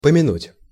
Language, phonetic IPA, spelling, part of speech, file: Russian, [pəmʲɪˈnutʲ], помянуть, verb, Ru-помянуть.ogg
- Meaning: 1. to remember, to recall 2. to mention 3. to pray for the health living or the repose of the soul of the dead, to commemorate